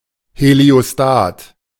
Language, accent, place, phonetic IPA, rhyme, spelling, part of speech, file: German, Germany, Berlin, [heli̯oˈstaːt], -aːt, Heliostat, noun, De-Heliostat.ogg
- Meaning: heliostat